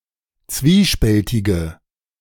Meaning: inflection of zwiespältig: 1. strong/mixed nominative/accusative feminine singular 2. strong nominative/accusative plural 3. weak nominative all-gender singular
- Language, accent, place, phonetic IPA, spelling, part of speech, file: German, Germany, Berlin, [ˈt͡sviːˌʃpɛltɪɡə], zwiespältige, adjective, De-zwiespältige.ogg